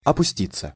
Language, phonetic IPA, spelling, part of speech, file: Russian, [ɐpʊˈsʲtʲit͡sːə], опуститься, verb, Ru-опуститься.ogg
- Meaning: 1. to go down, to descend 2. to sit down, to lie down, to settle (on something) 3. to fall, to sink into poverty or vice 4. passive of опусти́ть (opustítʹ)